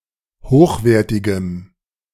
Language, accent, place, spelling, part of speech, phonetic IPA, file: German, Germany, Berlin, hochwertigem, adjective, [ˈhoːxˌveːɐ̯tɪɡəm], De-hochwertigem.ogg
- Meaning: strong dative masculine/neuter singular of hochwertig